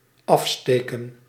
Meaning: 1. to remove by inserting a tool 2. to depart, take off (from the coast) 3. to light (e.g. a match, fireworks) 4. to contrast, to stick out 5. to pronounce, to announce (out loud)
- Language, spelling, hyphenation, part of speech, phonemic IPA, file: Dutch, afsteken, af‧ste‧ken, verb, /ˈɑfsteːkə(n)/, Nl-afsteken.ogg